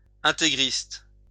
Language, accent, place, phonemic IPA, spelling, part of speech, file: French, France, Lyon, /ɛ̃.te.ɡʁist/, intégriste, adjective, LL-Q150 (fra)-intégriste.wav
- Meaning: fundamentalist